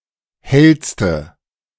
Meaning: inflection of hell: 1. strong/mixed nominative/accusative feminine singular superlative degree 2. strong nominative/accusative plural superlative degree
- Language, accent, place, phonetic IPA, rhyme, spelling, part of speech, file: German, Germany, Berlin, [ˈhɛlstə], -ɛlstə, hellste, adjective, De-hellste.ogg